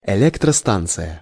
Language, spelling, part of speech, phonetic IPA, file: Russian, электростанция, noun, [ɪˌlʲektrɐˈstant͡sɨjə], Ru-электростанция.ogg
- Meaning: power station